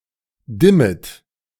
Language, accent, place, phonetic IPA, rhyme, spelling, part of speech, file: German, Germany, Berlin, [ˈdɪmət], -ɪmət, dimmet, verb, De-dimmet.ogg
- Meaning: second-person plural subjunctive I of dimmen